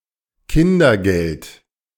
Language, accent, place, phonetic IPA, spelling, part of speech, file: German, Germany, Berlin, [ˈkɪndɐˌɡɛlt], Kindergeld, noun, De-Kindergeld.ogg
- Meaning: child benefit (state payment to people with children)